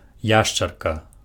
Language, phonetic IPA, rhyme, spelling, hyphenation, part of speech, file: Belarusian, [ˈjaʂt͡ʂarka], -aʂt͡ʂarka, яшчарка, яш‧чар‧ка, noun, Be-яшчарка.ogg
- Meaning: lizard